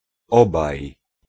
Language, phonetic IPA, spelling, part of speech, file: Polish, [ˈɔbaj], obaj, numeral, Pl-obaj.ogg